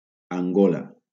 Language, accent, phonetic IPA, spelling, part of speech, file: Catalan, Valencia, [aŋˈɡo.la], Angola, proper noun, LL-Q7026 (cat)-Angola.wav
- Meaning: Angola (a country in Southern Africa)